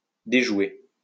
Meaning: to foil, to thwart, to frustrate
- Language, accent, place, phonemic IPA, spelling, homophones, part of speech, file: French, France, Lyon, /de.ʒwe/, déjouer, déjoué / déjouée / déjouées / déjoués / déjouez, verb, LL-Q150 (fra)-déjouer.wav